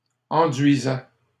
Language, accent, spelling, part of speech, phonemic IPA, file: French, Canada, enduisais, verb, /ɑ̃.dɥi.zɛ/, LL-Q150 (fra)-enduisais.wav
- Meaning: first/second-person singular imperfect indicative of enduire